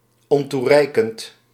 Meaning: insufficient, inadequate, unsatisfactory
- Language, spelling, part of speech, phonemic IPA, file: Dutch, ontoereikend, adjective, /ɔntuˈrɛikənt/, Nl-ontoereikend.ogg